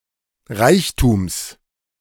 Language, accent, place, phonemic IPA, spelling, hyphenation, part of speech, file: German, Germany, Berlin, /ˈʁaɪ̯çtuːms/, Reichtums, Reich‧tums, noun, De-Reichtums.ogg
- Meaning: genitive singular of Reichtum